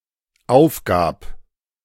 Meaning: first/third-person singular dependent preterite of aufgeben
- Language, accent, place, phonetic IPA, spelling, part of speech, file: German, Germany, Berlin, [ˈaʊ̯fˌɡaːp], aufgab, verb, De-aufgab.ogg